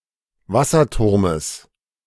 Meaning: genitive of Wasserturm
- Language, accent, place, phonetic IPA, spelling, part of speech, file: German, Germany, Berlin, [ˈvasɐˌtʊʁməs], Wasserturmes, noun, De-Wasserturmes.ogg